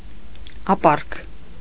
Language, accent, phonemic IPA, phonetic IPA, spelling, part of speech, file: Armenian, Eastern Armenian, /ɑˈpɑrkʰ/, [ɑpɑ́rkʰ], ապառք, noun, Hy-ապառք.ogg
- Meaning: arrears